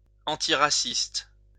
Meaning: antiracist
- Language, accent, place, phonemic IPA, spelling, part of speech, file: French, France, Lyon, /ɑ̃.ti.ʁa.sist/, antiraciste, adjective, LL-Q150 (fra)-antiraciste.wav